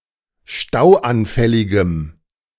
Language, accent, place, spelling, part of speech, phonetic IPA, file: German, Germany, Berlin, stauanfälligem, adjective, [ˈʃtaʊ̯ʔanˌfɛlɪɡəm], De-stauanfälligem.ogg
- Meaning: strong dative masculine/neuter singular of stauanfällig